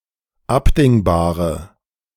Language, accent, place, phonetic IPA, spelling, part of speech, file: German, Germany, Berlin, [ˈapdɪŋbaːʁə], abdingbare, adjective, De-abdingbare.ogg
- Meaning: inflection of abdingbar: 1. strong/mixed nominative/accusative feminine singular 2. strong nominative/accusative plural 3. weak nominative all-gender singular